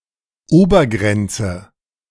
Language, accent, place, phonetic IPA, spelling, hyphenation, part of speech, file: German, Germany, Berlin, [ˈoːbɐˌɡʁɛntsə], Obergrenze, Ober‧gren‧ze, noun, De-Obergrenze.ogg
- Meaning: upper limit, cap, cutoff